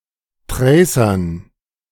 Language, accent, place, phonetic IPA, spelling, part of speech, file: German, Germany, Berlin, [ˈtʁɛɪ̯sɐn], Tracern, noun, De-Tracern.ogg
- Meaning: dative plural of Tracer